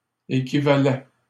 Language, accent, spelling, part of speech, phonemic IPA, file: French, Canada, équivalait, verb, /e.ki.va.lɛ/, LL-Q150 (fra)-équivalait.wav
- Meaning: third-person singular imperfect indicative of équivaloir